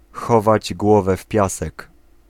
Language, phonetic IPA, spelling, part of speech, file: Polish, [ˈxɔvad͡ʑ ˈɡwɔvɛ ˈf‿pʲjasɛk], chować głowę w piasek, phrase, Pl-chować głowę w piasek.ogg